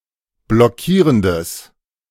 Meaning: strong/mixed nominative/accusative neuter singular of blockierend
- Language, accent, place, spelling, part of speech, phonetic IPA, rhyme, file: German, Germany, Berlin, blockierendes, adjective, [blɔˈkiːʁəndəs], -iːʁəndəs, De-blockierendes.ogg